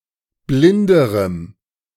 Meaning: strong dative masculine/neuter singular comparative degree of blind
- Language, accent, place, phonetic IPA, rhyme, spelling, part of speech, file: German, Germany, Berlin, [ˈblɪndəʁəm], -ɪndəʁəm, blinderem, adjective, De-blinderem.ogg